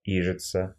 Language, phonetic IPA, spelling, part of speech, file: Russian, [ˈiʐɨt͡sə], ижица, noun, Ru-ижица.ogg
- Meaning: izhitsa (obsolete Cyrillic letter Ѵ)